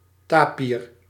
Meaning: tapir
- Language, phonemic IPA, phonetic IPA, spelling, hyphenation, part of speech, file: Dutch, /ˈtaː.pir/, [ˈtaː.pir], tapir, ta‧pir, noun, Nl-tapir.ogg